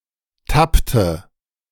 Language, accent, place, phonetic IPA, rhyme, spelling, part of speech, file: German, Germany, Berlin, [ˈtaptə], -aptə, tappte, verb, De-tappte.ogg
- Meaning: inflection of tappen: 1. first/third-person singular preterite 2. first/third-person singular subjunctive II